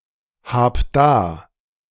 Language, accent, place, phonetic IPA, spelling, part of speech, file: German, Germany, Berlin, [ˌhaːp ˈdaː], hab da, verb, De-hab da.ogg
- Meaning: singular imperative of dahaben